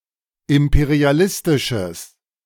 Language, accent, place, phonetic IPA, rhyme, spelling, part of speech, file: German, Germany, Berlin, [ˌɪmpeʁiaˈlɪstɪʃəs], -ɪstɪʃəs, imperialistisches, adjective, De-imperialistisches.ogg
- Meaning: strong/mixed nominative/accusative neuter singular of imperialistisch